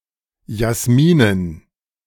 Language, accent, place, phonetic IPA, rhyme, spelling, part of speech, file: German, Germany, Berlin, [jasˈmiːnən], -iːnən, Jasminen, noun, De-Jasminen.ogg
- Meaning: dative plural of Jasmin